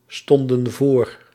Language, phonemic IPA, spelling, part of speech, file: Dutch, /ˈstɔndə(n) ˈvor/, stonden voor, verb, Nl-stonden voor.ogg
- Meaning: inflection of voorstaan: 1. plural past indicative 2. plural past subjunctive